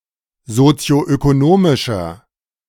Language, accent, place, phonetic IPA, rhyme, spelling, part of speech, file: German, Germany, Berlin, [zot͡si̯oʔøkoˈnoːmɪʃɐ], -oːmɪʃɐ, sozioökonomischer, adjective, De-sozioökonomischer.ogg
- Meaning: inflection of sozioökonomisch: 1. strong/mixed nominative masculine singular 2. strong genitive/dative feminine singular 3. strong genitive plural